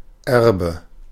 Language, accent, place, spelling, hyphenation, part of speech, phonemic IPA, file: German, Germany, Berlin, Erbe, Er‧be, noun, /ˈɛrbə/, De-Erbe.ogg
- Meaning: inheritance; heritage; legacy; bequest (property that is bequeathed and inherited)